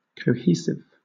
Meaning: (adjective) Having cohesion; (noun) 1. A substance that provides cohesion 2. A device used to establish cohesion within a text
- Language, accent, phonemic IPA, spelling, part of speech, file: English, Southern England, /kəʊˈhiː.sɪv/, cohesive, adjective / noun, LL-Q1860 (eng)-cohesive.wav